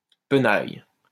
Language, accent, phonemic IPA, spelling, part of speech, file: French, France, /pə.naj/, penaille, noun, LL-Q150 (fra)-penaille.wav
- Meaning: 1. an assembly of monks 2. rags, tatters